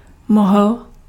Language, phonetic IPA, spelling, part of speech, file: Czech, [ˈmoɦl̩], mohl, verb, Cs-mohl.ogg
- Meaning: masculine singular past active participle of moci